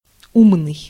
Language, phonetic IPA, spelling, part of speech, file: Russian, [ˈumnɨj], умный, adjective, Ru-умный.ogg
- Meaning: clever, smart, intelligent